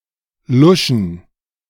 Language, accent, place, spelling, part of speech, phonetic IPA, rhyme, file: German, Germany, Berlin, Luschen, noun, [ˈlʊʃn̩], -ʊʃn̩, De-Luschen.ogg
- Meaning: plural of Lusche